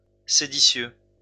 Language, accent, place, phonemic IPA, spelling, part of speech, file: French, France, Lyon, /se.di.sjø/, séditieux, adjective, LL-Q150 (fra)-séditieux.wav
- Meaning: rebellious, seditious, riotous